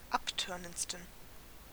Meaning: 1. superlative degree of abtörnend 2. inflection of abtörnend: strong genitive masculine/neuter singular superlative degree
- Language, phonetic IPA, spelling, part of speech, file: German, [ˈapˌtœʁnənt͡stn̩], abtörnendsten, adjective, De-abtörnendsten.oga